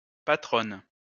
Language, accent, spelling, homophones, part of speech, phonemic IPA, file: French, France, patronne, patronnent / patronnes, noun / verb, /pa.tʁɔn/, LL-Q150 (fra)-patronne.wav
- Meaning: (noun) 1. female owner 2. madame (of a brothel); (verb) inflection of patronner: 1. first/third-person singular present indicative/subjunctive 2. second-person singular imperative